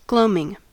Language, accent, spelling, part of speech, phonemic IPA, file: English, US, gloaming, noun / verb, /ˈɡloʊ.mɪŋ/, En-us-gloaming.ogg
- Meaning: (noun) 1. Twilight, as at early morning (dawn) or (especially) early evening; dusk 2. Sullenness; melancholy; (verb) present participle and gerund of gloam